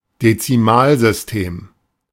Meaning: decimal system
- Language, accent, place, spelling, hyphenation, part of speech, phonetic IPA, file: German, Germany, Berlin, Dezimalsystem, De‧zi‧mal‧sys‧tem, noun, [det͡siˈmaːlzʏsˌteːm], De-Dezimalsystem.ogg